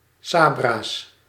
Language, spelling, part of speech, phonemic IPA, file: Dutch, sabra's, noun, /ˈsɑbras/, Nl-sabra's.ogg
- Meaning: plural of sabra